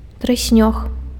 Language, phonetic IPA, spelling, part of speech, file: Belarusian, [trɨˈsʲnʲox], трыснёг, noun, Be-трыснёг.ogg
- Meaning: reed (grass-like plant)